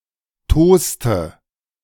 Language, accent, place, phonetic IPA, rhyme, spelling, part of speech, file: German, Germany, Berlin, [ˈtoːstə], -oːstə, toste, verb, De-toste.ogg
- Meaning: inflection of tosen: 1. first/third-person singular preterite 2. first/third-person singular subjunctive II